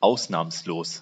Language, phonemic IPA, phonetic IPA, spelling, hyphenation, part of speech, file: German, /ˈaʊ̯snaːmsloːs/, [ˈʔaʊ̯snaːmsloːs], ausnahmslos, aus‧nahms‧los, adjective, De-ausnahmslos.ogg
- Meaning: exceptionless